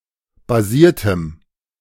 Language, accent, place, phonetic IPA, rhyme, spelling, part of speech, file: German, Germany, Berlin, [baˈziːɐ̯təm], -iːɐ̯təm, basiertem, adjective, De-basiertem.ogg
- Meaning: strong dative masculine/neuter singular of basiert